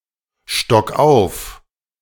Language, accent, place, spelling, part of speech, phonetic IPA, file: German, Germany, Berlin, stock auf, verb, [ˌʃtɔk ˈaʊ̯f], De-stock auf.ogg
- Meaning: 1. singular imperative of aufstocken 2. first-person singular present of aufstocken